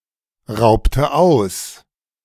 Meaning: inflection of ausrauben: 1. first/third-person singular preterite 2. first/third-person singular subjunctive II
- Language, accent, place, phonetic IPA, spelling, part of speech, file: German, Germany, Berlin, [ˌʁaʊ̯ptə ˈaʊ̯s], raubte aus, verb, De-raubte aus.ogg